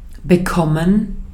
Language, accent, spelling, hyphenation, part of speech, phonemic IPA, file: German, Austria, bekommen, be‧kom‧men, verb, /bəˈkɔmən/, De-at-bekommen.ogg
- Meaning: 1. to receive; to get 2. to catch 3. to agree with, to sit well with [with dative ‘someone’] (of food or drink) 4. to get (with the past participle form of a verb), forms the so-called dative passive